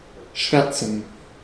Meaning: to blacken
- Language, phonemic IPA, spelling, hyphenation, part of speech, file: German, /ˈʃvɛʁt͡sn̩/, schwärzen, schwär‧zen, verb, De-schwärzen.ogg